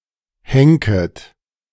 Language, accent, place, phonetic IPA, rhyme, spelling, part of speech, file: German, Germany, Berlin, [ˈhɛŋkət], -ɛŋkət, henket, verb, De-henket.ogg
- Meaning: second-person plural subjunctive I of henken